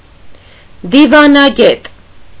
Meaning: diplomat
- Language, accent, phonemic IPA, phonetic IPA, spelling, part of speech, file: Armenian, Eastern Armenian, /divɑnɑˈɡet/, [divɑnɑɡét], դիվանագետ, noun, Hy-դիվանագետ.ogg